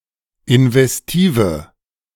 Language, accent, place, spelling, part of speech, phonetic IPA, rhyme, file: German, Germany, Berlin, investive, adjective, [ɪnvɛsˈtiːvə], -iːvə, De-investive.ogg
- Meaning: inflection of investiv: 1. strong/mixed nominative/accusative feminine singular 2. strong nominative/accusative plural 3. weak nominative all-gender singular